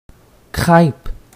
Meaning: 1. crepe 2. black veil 3. pancake, crêpe
- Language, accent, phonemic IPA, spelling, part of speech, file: French, Canada, /kʁɛp/, crêpe, noun, Qc-crêpe.ogg